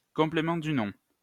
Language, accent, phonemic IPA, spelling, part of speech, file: French, France, /kɔ̃.ple.mɑ̃ dy nɔ̃/, complément du nom, noun, LL-Q150 (fra)-complément du nom.wav
- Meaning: possessive phrase